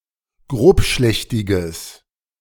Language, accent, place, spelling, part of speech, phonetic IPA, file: German, Germany, Berlin, grobschlächtiges, adjective, [ˈɡʁoːpˌʃlɛçtɪɡəs], De-grobschlächtiges.ogg
- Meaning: strong/mixed nominative/accusative neuter singular of grobschlächtig